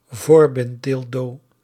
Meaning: strap-on dildo
- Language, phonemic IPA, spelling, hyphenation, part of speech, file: Dutch, /ˈvoːr.bɪntˌdɪl.doː/, voorbinddildo, voor‧bind‧dil‧do, noun, Nl-voorbinddildo.ogg